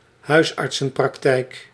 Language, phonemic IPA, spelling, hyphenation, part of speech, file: Dutch, /ˈɦœy̯s.ɑrt.sə(n).prɑkˌtɛi̯k/, huisartsenpraktijk, huis‧art‧sen‧prak‧tijk, noun, Nl-huisartsenpraktijk.ogg
- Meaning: general practice, doctor's clinic (of a GP)